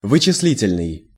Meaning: 1. computer 2. computing
- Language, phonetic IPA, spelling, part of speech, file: Russian, [vɨt͡ɕɪs⁽ʲ⁾ˈlʲitʲɪlʲnɨj], вычислительный, adjective, Ru-вычислительный.ogg